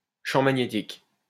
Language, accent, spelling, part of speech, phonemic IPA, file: French, France, champ magnétique, noun, /ʃɑ̃ ma.ɲe.tik/, LL-Q150 (fra)-champ magnétique.wav
- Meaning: magnetic field